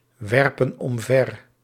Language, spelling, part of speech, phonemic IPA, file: Dutch, werpen omver, verb, /ˈwɛrpə(n) ɔmˈvɛr/, Nl-werpen omver.ogg
- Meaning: inflection of omverwerpen: 1. plural present indicative 2. plural present subjunctive